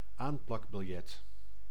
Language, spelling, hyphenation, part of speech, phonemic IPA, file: Dutch, aanplakbiljet, aan‧plak‧bil‧jet, noun, /ˈaːn.plɑk.bɪlˌjɛt/, Nl-aanplakbiljet.ogg
- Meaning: a placard, a poster containing an announcement or promotional information hung in a public space